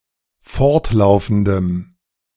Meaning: strong dative masculine/neuter singular of fortlaufend
- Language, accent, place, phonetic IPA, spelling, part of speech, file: German, Germany, Berlin, [ˈfɔʁtˌlaʊ̯fn̩dəm], fortlaufendem, adjective, De-fortlaufendem.ogg